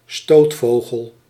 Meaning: bird of prey, in particular one that incapacitates its prey by knocking it down
- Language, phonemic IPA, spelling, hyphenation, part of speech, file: Dutch, /ˈstoːtˌfoː.ɣəl/, stootvogel, stoot‧vo‧gel, noun, Nl-stootvogel.ogg